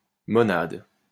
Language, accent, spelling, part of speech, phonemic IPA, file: French, France, monade, noun, /mɔ.nad/, LL-Q150 (fra)-monade.wav
- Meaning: monad